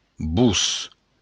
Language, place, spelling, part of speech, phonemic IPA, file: Occitan, Béarn, vos, pronoun, /vus/, LL-Q14185 (oci)-vos.wav
- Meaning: 1. to you (second-person plural indirect object pronoun) 2. yourselves (second-person plural reflexive pronoun)